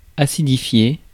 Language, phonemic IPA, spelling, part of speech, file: French, /a.si.di.fje/, acidifier, verb, Fr-acidifier.ogg
- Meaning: to acidify (make something acid)